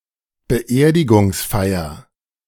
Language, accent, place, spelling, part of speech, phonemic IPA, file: German, Germany, Berlin, Beerdigungsfeier, noun, /bəˈʔeːɐ̯dɪɡʊŋsˌfaɪ̯ɐ/, De-Beerdigungsfeier.ogg
- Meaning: funeral ceremony, funeral service